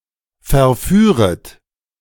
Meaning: second-person plural subjunctive I of verführen
- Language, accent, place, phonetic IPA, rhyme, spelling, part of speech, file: German, Germany, Berlin, [fɛɐ̯ˈfyːʁət], -yːʁət, verführet, verb, De-verführet.ogg